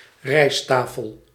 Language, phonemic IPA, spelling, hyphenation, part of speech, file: Dutch, /ˈrɛi̯staːfəl/, rijsttafel, rijst‧ta‧fel, noun, Nl-rijsttafel.ogg
- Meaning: a rijsttafel, an elaborate meal or banquet with many colonial Indonesia, specifically Chinese-Indonesian, rice dishes